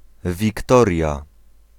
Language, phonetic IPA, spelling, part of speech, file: Polish, [vʲikˈtɔrʲja], Wiktoria, proper noun, Pl-Wiktoria.ogg